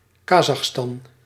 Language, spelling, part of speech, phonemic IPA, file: Dutch, Kazachstan, proper noun, /ˈkaːzɑxˌstɑn/, Nl-Kazachstan.ogg
- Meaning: Kazakhstan (a country in Central Asia and Eastern Europe)